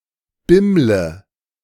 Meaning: inflection of bimmeln: 1. first-person singular present 2. first/third-person singular subjunctive I 3. singular imperative
- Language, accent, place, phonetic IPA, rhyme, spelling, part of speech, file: German, Germany, Berlin, [ˈbɪmlə], -ɪmlə, bimmle, verb, De-bimmle.ogg